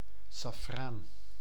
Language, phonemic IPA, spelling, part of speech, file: Dutch, /sɑfˈran/, saffraan, noun, Nl-saffraan.ogg
- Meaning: saffron (spice)